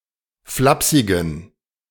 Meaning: inflection of flapsig: 1. strong genitive masculine/neuter singular 2. weak/mixed genitive/dative all-gender singular 3. strong/weak/mixed accusative masculine singular 4. strong dative plural
- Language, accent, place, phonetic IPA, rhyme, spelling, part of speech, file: German, Germany, Berlin, [ˈflapsɪɡn̩], -apsɪɡn̩, flapsigen, adjective, De-flapsigen.ogg